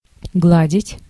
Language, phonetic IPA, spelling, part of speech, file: Russian, [ˈɡɫadʲɪtʲ], гладить, verb, Ru-гладить.ogg
- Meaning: 1. to iron, to press (clothes) 2. to pet (animals, etc.) 3. to stroke, to caress